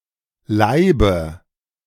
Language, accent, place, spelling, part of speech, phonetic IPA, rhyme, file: German, Germany, Berlin, Laibe, noun, [ˈlaɪ̯bə], -aɪ̯bə, De-Laibe.ogg
- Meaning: nominative/accusative/genitive plural of Laib